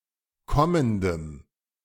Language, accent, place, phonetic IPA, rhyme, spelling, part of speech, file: German, Germany, Berlin, [ˈkɔməndəm], -ɔməndəm, kommendem, adjective, De-kommendem.ogg
- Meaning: strong dative masculine/neuter singular of kommend